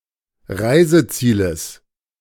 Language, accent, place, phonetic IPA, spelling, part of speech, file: German, Germany, Berlin, [ˈʁaɪ̯zəˌt͡siːləs], Reisezieles, noun, De-Reisezieles.ogg
- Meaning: genitive of Reiseziel